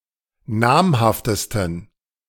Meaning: 1. superlative degree of namhaft 2. inflection of namhaft: strong genitive masculine/neuter singular superlative degree
- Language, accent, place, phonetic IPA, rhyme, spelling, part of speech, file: German, Germany, Berlin, [ˈnaːmhaftəstn̩], -aːmhaftəstn̩, namhaftesten, adjective, De-namhaftesten.ogg